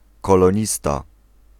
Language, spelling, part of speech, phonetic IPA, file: Polish, kolonista, noun, [ˌkɔlɔ̃ˈɲista], Pl-kolonista.ogg